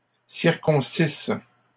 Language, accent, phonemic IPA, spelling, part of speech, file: French, Canada, /siʁ.kɔ̃.sis/, circoncisse, verb, LL-Q150 (fra)-circoncisse.wav
- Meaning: first-person singular imperfect subjunctive of circoncire